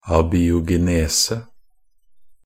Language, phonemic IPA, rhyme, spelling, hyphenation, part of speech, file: Norwegian Bokmål, /abiːʊɡɛˈneːsə/, -eːsə, abiogenese, a‧bi‧o‧ge‧ne‧se, noun, Nb-abiogenese.ogg
- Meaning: abiogenesis (the origination of living organisms from lifeless matter; such genesis as does not involve the action of living parents)